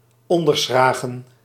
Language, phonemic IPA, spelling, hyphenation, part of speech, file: Dutch, /ˌɔn.dərˈsxraː.ɣə(n)/, onderschragen, on‧der‧schra‧gen, verb, Nl-onderschragen.ogg
- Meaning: to support (underneath)